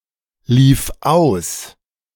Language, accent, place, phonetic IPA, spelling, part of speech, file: German, Germany, Berlin, [ˌliːf ˈaʊ̯s], lief aus, verb, De-lief aus.ogg
- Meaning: first/third-person singular preterite of auslaufen